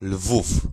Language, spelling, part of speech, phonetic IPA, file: Polish, Lwów, proper noun, [lvuf], Pl-Lwów.ogg